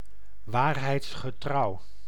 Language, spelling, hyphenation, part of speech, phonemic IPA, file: Dutch, waarheidsgetrouw, waar‧heids‧ge‧trouw, adjective, /ˌʋaːr.ɦɛi̯ts.xəˈtrɑu̯/, Nl-waarheidsgetrouw.ogg
- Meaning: truthful, accurate, true to life